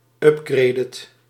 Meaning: inflection of upgraden: 1. second/third-person singular present indicative 2. plural imperative
- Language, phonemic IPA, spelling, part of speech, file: Dutch, /ˈʏp.ɡrɛi̯t/, upgradet, verb, Nl-upgradet.ogg